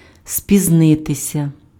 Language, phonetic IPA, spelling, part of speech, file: Ukrainian, [sʲpʲizˈnɪtesʲɐ], спізнитися, verb, Uk-спізнитися.ogg
- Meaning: to be late